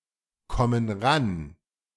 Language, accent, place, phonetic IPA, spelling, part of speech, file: German, Germany, Berlin, [ˌkɔmən ˈʁan], kommen ran, verb, De-kommen ran.ogg
- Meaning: inflection of rankommen: 1. first/third-person plural present 2. first/third-person plural subjunctive I